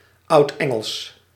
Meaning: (proper noun) Old English, Anglo-Saxon (language); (adjective) Old English
- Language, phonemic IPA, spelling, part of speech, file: Dutch, /ˈɑu̯tɛŋəls/, Oudengels, proper noun / adjective, Nl-Oudengels.ogg